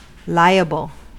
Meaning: 1. Bound or obliged in law or equity; responsible; answerable 2. Subject; susceptible; prone 3. Exposed to a certain contingency or causality, more or less probable 4. Likely
- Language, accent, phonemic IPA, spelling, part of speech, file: English, US, /ˈlaɪ̯əbəl/, liable, adjective, En-us-liable.ogg